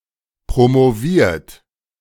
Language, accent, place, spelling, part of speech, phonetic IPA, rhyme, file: German, Germany, Berlin, promoviert, verb, [pʁomoˈviːɐ̯t], -iːɐ̯t, De-promoviert.ogg
- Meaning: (verb) past participle of promovieren; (adjective) holding a PhD; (verb) inflection of promovieren: 1. third-person singular present 2. second-person plural present 3. plural imperative